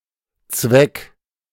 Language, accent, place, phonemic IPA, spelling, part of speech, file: German, Germany, Berlin, /t͡svɛk/, Zweck, noun, De-Zweck.ogg
- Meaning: 1. purpose 2. point